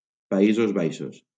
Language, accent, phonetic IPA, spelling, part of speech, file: Catalan, Valencia, [paˈi.zoz ˈbaj.ʃos], Països Baixos, proper noun, LL-Q7026 (cat)-Països Baixos.wav
- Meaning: Netherlands (the main constituent country of the Kingdom of the Netherlands, located primarily in Western Europe bordering Germany and Belgium)